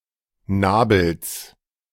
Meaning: genitive singular of Nabel
- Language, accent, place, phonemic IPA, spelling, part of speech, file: German, Germany, Berlin, /ˈnaːbəls/, Nabels, noun, De-Nabels.ogg